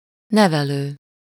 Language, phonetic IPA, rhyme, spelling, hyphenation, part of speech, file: Hungarian, [ˈnɛvɛløː], -løː, nevelő, ne‧ve‧lő, verb / adjective / noun, Hu-nevelő.ogg
- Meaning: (verb) present participle of nevel; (adjective) 1. educational, instructive (especially in connection with proper upbringing as opposed to merely transmitting knowledge) 2. foster